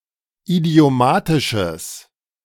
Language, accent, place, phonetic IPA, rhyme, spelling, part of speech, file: German, Germany, Berlin, [idi̯oˈmaːtɪʃəs], -aːtɪʃəs, idiomatisches, adjective, De-idiomatisches.ogg
- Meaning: strong/mixed nominative/accusative neuter singular of idiomatisch